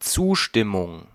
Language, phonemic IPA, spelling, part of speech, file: German, /ˈt͡suːʃtɪmʊŋ/, Zustimmung, noun, De-Zustimmung.ogg
- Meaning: 1. agreement (expression or indication that an agreement has been reached) 2. approval 3. consent